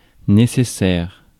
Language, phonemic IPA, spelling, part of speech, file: French, /ne.se.sɛʁ/, nécessaire, adjective / noun, Fr-nécessaire.ogg
- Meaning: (adjective) necessary; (noun) kit